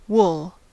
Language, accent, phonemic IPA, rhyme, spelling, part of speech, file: English, US, /wʊl/, -ʊl, wool, noun, En-us-wool.ogg
- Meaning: 1. The hair of the sheep, llama and some other ruminants 2. A cloth or yarn made from such hair 3. Anything with a fibrous texture like that of sheep's wool